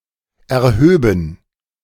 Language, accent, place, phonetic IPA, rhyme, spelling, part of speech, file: German, Germany, Berlin, [ɛɐ̯ˈhøːbn̩], -øːbn̩, erhöben, verb, De-erhöben.ogg
- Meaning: first/third-person plural subjunctive II of erheben